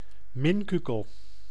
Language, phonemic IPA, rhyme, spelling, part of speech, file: Dutch, /ˈmɪn.ky.kəl/, -ɪnkykəl, minkukel, noun, Nl-minkukel.ogg
- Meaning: an unintelligent simpleton, blockhead, dolt